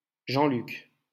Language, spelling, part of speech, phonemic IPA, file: French, Jean-Luc, proper noun, /ʒɑ̃.lyk/, LL-Q150 (fra)-Jean-Luc.wav
- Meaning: a male given name